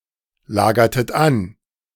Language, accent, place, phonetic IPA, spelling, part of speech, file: German, Germany, Berlin, [ˌlaːɡɐtət ˈan], lagertet an, verb, De-lagertet an.ogg
- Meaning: inflection of anlagern: 1. second-person plural preterite 2. second-person plural subjunctive II